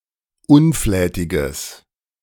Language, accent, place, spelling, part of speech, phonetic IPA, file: German, Germany, Berlin, unflätiges, adjective, [ˈʊnˌflɛːtɪɡəs], De-unflätiges.ogg
- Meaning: strong/mixed nominative/accusative neuter singular of unflätig